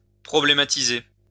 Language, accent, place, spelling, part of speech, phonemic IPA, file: French, France, Lyon, problématiser, verb, /pʁɔ.ble.ma.ti.ze/, LL-Q150 (fra)-problématiser.wav
- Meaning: to problematize